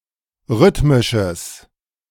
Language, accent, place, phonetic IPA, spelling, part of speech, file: German, Germany, Berlin, [ˈʁʏtmɪʃəs], rhythmisches, adjective, De-rhythmisches.ogg
- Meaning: strong/mixed nominative/accusative neuter singular of rhythmisch